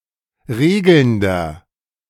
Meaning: inflection of regelnd: 1. strong/mixed nominative masculine singular 2. strong genitive/dative feminine singular 3. strong genitive plural
- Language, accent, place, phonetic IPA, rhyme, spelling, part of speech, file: German, Germany, Berlin, [ˈʁeːɡl̩ndɐ], -eːɡl̩ndɐ, regelnder, adjective, De-regelnder.ogg